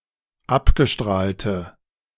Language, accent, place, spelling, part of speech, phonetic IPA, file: German, Germany, Berlin, abgestrahlte, adjective, [ˈapɡəˌʃtʁaːltə], De-abgestrahlte.ogg
- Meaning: inflection of abgestrahlt: 1. strong/mixed nominative/accusative feminine singular 2. strong nominative/accusative plural 3. weak nominative all-gender singular